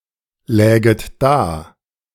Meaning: second-person plural subjunctive II of daliegen
- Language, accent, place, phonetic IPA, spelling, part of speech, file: German, Germany, Berlin, [ˌlɛːɡət ˈdaː], läget da, verb, De-läget da.ogg